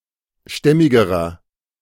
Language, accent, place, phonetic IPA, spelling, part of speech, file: German, Germany, Berlin, [ˈʃtɛmɪɡəʁɐ], stämmigerer, adjective, De-stämmigerer.ogg
- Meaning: inflection of stämmig: 1. strong/mixed nominative masculine singular comparative degree 2. strong genitive/dative feminine singular comparative degree 3. strong genitive plural comparative degree